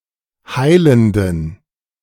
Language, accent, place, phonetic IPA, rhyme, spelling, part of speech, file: German, Germany, Berlin, [ˈhaɪ̯ləndn̩], -aɪ̯ləndn̩, heilenden, adjective, De-heilenden.ogg
- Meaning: inflection of heilend: 1. strong genitive masculine/neuter singular 2. weak/mixed genitive/dative all-gender singular 3. strong/weak/mixed accusative masculine singular 4. strong dative plural